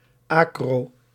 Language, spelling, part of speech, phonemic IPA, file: Dutch, acro-, prefix, /ˈɑ.kroː/, Nl-acro-.ogg
- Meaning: acro-